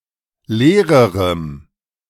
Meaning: strong dative masculine/neuter singular comparative degree of leer
- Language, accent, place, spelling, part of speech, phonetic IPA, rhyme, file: German, Germany, Berlin, leererem, adjective, [ˈleːʁəʁəm], -eːʁəʁəm, De-leererem.ogg